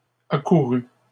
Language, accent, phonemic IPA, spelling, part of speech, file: French, Canada, /a.ku.ʁy/, accourus, verb, LL-Q150 (fra)-accourus.wav
- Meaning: 1. first/second-person singular past historic of accourir 2. masculine plural of accouru